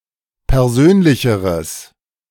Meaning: strong/mixed nominative/accusative neuter singular comparative degree of persönlich
- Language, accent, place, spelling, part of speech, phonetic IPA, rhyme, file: German, Germany, Berlin, persönlicheres, adjective, [pɛʁˈzøːnlɪçəʁəs], -øːnlɪçəʁəs, De-persönlicheres.ogg